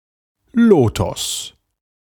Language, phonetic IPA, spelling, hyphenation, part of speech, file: German, [ˈloːtɔs], Lotos, Lo‧tos, noun, De-Lotos.ogg
- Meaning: lotus